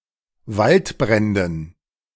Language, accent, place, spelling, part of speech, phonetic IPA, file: German, Germany, Berlin, Waldbränden, noun, [ˈvaltˌbʁɛndn̩], De-Waldbränden.ogg
- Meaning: dative plural of Waldbrand